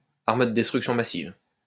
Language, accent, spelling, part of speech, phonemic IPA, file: French, France, arme de destruction massive, noun, /aʁ.m(ə) də dɛs.tʁyk.sjɔ̃ ma.siv/, LL-Q150 (fra)-arme de destruction massive.wav
- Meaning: weapon of mass destruction (chemical, biological, radiological nuclear or other weapon that is designed to cause death or serious injury to large numbers of civilians)